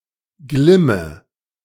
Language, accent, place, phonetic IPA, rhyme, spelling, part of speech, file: German, Germany, Berlin, [ˈɡlɪmə], -ɪmə, glimme, verb, De-glimme.ogg
- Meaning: inflection of glimmen: 1. first-person singular present 2. first/third-person singular subjunctive I 3. singular imperative